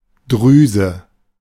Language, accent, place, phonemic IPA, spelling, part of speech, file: German, Germany, Berlin, /ˈdʁyːzə/, Drüse, noun, De-Drüse.ogg
- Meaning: 1. gland 2. swelling, boil